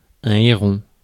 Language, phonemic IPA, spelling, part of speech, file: French, /e.ʁɔ̃/, héron, noun, Fr-héron.ogg
- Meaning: heron